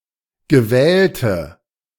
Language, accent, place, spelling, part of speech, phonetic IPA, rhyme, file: German, Germany, Berlin, gewählte, adjective, [ɡəˈvɛːltə], -ɛːltə, De-gewählte.ogg
- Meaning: inflection of gewählt: 1. strong/mixed nominative/accusative feminine singular 2. strong nominative/accusative plural 3. weak nominative all-gender singular 4. weak accusative feminine/neuter singular